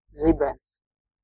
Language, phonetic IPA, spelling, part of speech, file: Latvian, [ˈzibɛns], zibens, noun, Lv-zibens.ogg
- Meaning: lightning (discharge of atmospheric electricity with a visible flash of light)